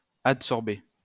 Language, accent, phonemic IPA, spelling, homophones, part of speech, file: French, France, /at.sɔʁ.be/, adsorber, adsorbé / adsorbée / adsorbées / adsorbés, verb, LL-Q150 (fra)-adsorber.wav
- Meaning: to adsorb (to accumulate on a surface, by adsorption)